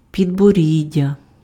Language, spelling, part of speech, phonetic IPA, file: Ukrainian, підборіддя, noun, [pʲidboˈrʲidʲːɐ], Uk-підборіддя.ogg
- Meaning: chin